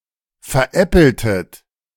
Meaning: inflection of veräppeln: 1. second-person plural preterite 2. second-person plural subjunctive II
- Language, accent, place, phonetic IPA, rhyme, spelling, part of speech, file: German, Germany, Berlin, [fɛɐ̯ˈʔɛpl̩tət], -ɛpl̩tət, veräppeltet, verb, De-veräppeltet.ogg